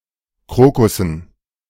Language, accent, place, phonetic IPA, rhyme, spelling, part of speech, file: German, Germany, Berlin, [ˈkʁoːkʊsn̩], -oːkʊsn̩, Krokussen, noun, De-Krokussen.ogg
- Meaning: dative plural of Krokus